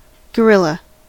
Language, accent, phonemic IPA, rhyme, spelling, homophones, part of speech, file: English, US, /ɡəˈɹɪl.ə/, -ɪlə, gorilla, guerrilla, noun, En-us-gorilla.ogg
- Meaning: An ape of the genus Gorilla; endemic to the forests of Central Africa and typified by superlative physical size and strength in relation to other primates